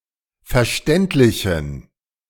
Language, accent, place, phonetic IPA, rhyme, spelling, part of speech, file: German, Germany, Berlin, [fɛɐ̯ˈʃtɛntlɪçn̩], -ɛntlɪçn̩, verständlichen, adjective, De-verständlichen.ogg
- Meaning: inflection of verständlich: 1. strong genitive masculine/neuter singular 2. weak/mixed genitive/dative all-gender singular 3. strong/weak/mixed accusative masculine singular 4. strong dative plural